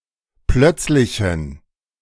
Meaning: inflection of plötzlich: 1. strong genitive masculine/neuter singular 2. weak/mixed genitive/dative all-gender singular 3. strong/weak/mixed accusative masculine singular 4. strong dative plural
- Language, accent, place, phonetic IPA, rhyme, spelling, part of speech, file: German, Germany, Berlin, [ˈplœt͡slɪçn̩], -œt͡slɪçn̩, plötzlichen, adjective, De-plötzlichen.ogg